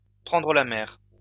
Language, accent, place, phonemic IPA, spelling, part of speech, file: French, France, Lyon, /pʁɑ̃.dʁə la mɛʁ/, prendre la mer, verb, LL-Q150 (fra)-prendre la mer.wav
- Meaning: to go to sea, to take to sea, to put to sea, to put out to sea, to set sail (to embark on a voyage by boat)